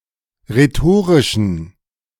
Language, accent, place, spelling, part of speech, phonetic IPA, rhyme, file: German, Germany, Berlin, rhetorischen, adjective, [ʁeˈtoːʁɪʃn̩], -oːʁɪʃn̩, De-rhetorischen.ogg
- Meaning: inflection of rhetorisch: 1. strong genitive masculine/neuter singular 2. weak/mixed genitive/dative all-gender singular 3. strong/weak/mixed accusative masculine singular 4. strong dative plural